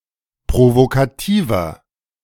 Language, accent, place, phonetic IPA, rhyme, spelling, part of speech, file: German, Germany, Berlin, [pʁovokaˈtiːvɐ], -iːvɐ, provokativer, adjective, De-provokativer.ogg
- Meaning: 1. comparative degree of provokativ 2. inflection of provokativ: strong/mixed nominative masculine singular 3. inflection of provokativ: strong genitive/dative feminine singular